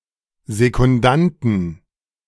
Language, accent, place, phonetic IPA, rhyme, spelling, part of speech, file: German, Germany, Berlin, [zekʊnˈdantn̩], -antn̩, Sekundanten, noun, De-Sekundanten.ogg
- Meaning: 1. genitive singular of Sekundant 2. plural of Sekundant